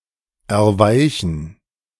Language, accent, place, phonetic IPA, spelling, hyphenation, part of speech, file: German, Germany, Berlin, [ɛɐ̯ˈvaɪ̯çn̩], erweichen, er‧wei‧chen, verb, De-erweichen.ogg
- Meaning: 1. to weaken, soften 2. to soften up, to appease